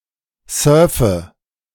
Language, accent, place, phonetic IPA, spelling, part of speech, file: German, Germany, Berlin, [ˈsœːɐ̯fə], surfe, verb, De-surfe.ogg
- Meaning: inflection of surfen: 1. first-person singular present 2. first/third-person singular subjunctive I 3. singular imperative